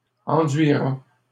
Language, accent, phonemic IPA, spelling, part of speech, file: French, Canada, /ɑ̃.dɥi.ʁa/, enduira, verb, LL-Q150 (fra)-enduira.wav
- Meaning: third-person singular simple future of enduire